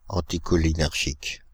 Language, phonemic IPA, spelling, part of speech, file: French, /ɑ̃.ti.kɔ.li.nɛʁ.ʒik/, anticholinergique, adjective, Fr-anticholinergique.ogg
- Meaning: anticholinergic